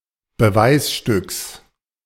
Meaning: genitive singular of Beweisstück
- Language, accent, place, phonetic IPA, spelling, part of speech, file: German, Germany, Berlin, [bəˈvaɪ̯sˌʃtʏks], Beweisstücks, noun, De-Beweisstücks.ogg